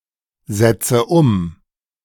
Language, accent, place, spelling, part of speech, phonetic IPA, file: German, Germany, Berlin, setze um, verb, [ˌzɛt͡sə ˈʊm], De-setze um.ogg
- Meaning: inflection of umsetzen: 1. first-person singular present 2. first/third-person singular subjunctive I 3. singular imperative